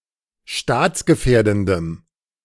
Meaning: strong dative masculine/neuter singular of staatsgefährdend
- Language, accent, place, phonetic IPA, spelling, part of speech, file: German, Germany, Berlin, [ˈʃtaːt͡sɡəˌfɛːɐ̯dn̩dəm], staatsgefährdendem, adjective, De-staatsgefährdendem.ogg